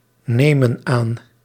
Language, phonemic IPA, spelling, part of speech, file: Dutch, /ˈnemə(n) ˈan/, nemen aan, verb, Nl-nemen aan.ogg
- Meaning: inflection of aannemen: 1. plural present indicative 2. plural present subjunctive